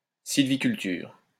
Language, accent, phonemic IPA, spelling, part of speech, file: French, France, /sil.vi.kyl.tyʁ/, sylviculture, noun, LL-Q150 (fra)-sylviculture.wav
- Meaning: forestry